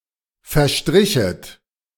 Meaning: second-person plural subjunctive II of verstreichen
- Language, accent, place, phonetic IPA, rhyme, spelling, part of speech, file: German, Germany, Berlin, [fɛɐ̯ˈʃtʁɪçət], -ɪçət, verstrichet, verb, De-verstrichet.ogg